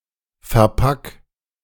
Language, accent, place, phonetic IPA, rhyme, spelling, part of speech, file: German, Germany, Berlin, [fɛɐ̯ˈpak], -ak, verpack, verb, De-verpack.ogg
- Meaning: 1. singular imperative of verpacken 2. first-person singular present of verpacken